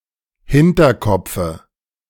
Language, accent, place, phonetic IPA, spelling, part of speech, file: German, Germany, Berlin, [ˈhɪntɐˌkɔp͡fə], Hinterkopfe, noun, De-Hinterkopfe.ogg
- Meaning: dative singular of Hinterkopf